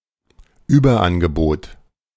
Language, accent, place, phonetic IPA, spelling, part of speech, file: German, Germany, Berlin, [ˈyːbɐˌʔanɡəboːt], Überangebot, noun, De-Überangebot.ogg
- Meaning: surplus, oversupply, glut